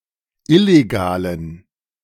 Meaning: inflection of illegal: 1. strong genitive masculine/neuter singular 2. weak/mixed genitive/dative all-gender singular 3. strong/weak/mixed accusative masculine singular 4. strong dative plural
- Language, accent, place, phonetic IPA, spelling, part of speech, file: German, Germany, Berlin, [ˈɪleɡaːlən], illegalen, adjective, De-illegalen.ogg